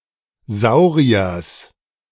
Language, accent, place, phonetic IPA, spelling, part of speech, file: German, Germany, Berlin, [ˈzaʊ̯ʁiɐs], Sauriers, noun, De-Sauriers.ogg
- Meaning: genitive singular of Saurier